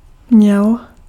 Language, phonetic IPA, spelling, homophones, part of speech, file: Czech, [ˈmɲɛl], měl, mněl, verb, Cs-měl.ogg
- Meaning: masculine singular past active participle of mít